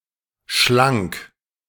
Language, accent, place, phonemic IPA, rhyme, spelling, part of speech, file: German, Germany, Berlin, /ʃlaŋk/, -aŋk, schlank, adjective, De-schlank.ogg
- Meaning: slim, svelte